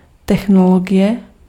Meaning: technology
- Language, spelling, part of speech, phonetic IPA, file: Czech, technologie, noun, [ˈtɛxnoloɡɪjɛ], Cs-technologie.ogg